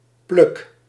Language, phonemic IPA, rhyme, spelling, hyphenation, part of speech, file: Dutch, /plʏx/, -ʏx, plug, plug, noun, Nl-plug.ogg
- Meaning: wall plug (used to hold nails and screws)